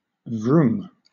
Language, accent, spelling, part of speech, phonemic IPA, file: English, Southern England, vroom, interjection / noun / verb, /vɹuːm/, LL-Q1860 (eng)-vroom.wav
- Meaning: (interjection) The sound of an engine, especially when it is revving up; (noun) The sound of an engine revving up; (verb) To move with great speed; to zoom